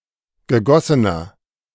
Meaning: inflection of gegossen: 1. strong/mixed nominative masculine singular 2. strong genitive/dative feminine singular 3. strong genitive plural
- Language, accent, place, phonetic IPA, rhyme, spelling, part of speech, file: German, Germany, Berlin, [ɡəˈɡɔsənɐ], -ɔsənɐ, gegossener, adjective, De-gegossener.ogg